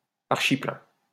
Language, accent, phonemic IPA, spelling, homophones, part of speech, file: French, France, /aʁ.ʃi.plɛ̃/, archiplein, archipleins, adjective, LL-Q150 (fra)-archiplein.wav
- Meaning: packed (filled with a large number or quantity of something)